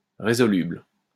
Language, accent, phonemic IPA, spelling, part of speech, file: French, France, /ʁe.zɔ.lybl/, résoluble, adjective, LL-Q150 (fra)-résoluble.wav
- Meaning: resoluble, resolvable